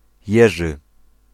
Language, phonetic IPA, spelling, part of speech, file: Polish, [ˈjɛʒɨ], Jerzy, proper noun, Pl-Jerzy.ogg